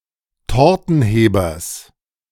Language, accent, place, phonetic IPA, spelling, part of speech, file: German, Germany, Berlin, [ˈtɔʁtn̩ˌheːbɐs], Tortenhebers, noun, De-Tortenhebers.ogg
- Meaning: genitive singular of Tortenheber